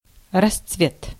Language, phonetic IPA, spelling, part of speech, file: Russian, [rɐst͡sˈvʲet], расцвет, noun, Ru-расцвет.ogg
- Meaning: 1. flowering, blooming, blossoming 2. boom (period of prosperity)